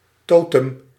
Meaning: 1. totem, object that signifies a kinship group 2. totem, physical representation of a kinship symbol
- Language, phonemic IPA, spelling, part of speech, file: Dutch, /ˈtotəm/, totem, noun, Nl-totem.ogg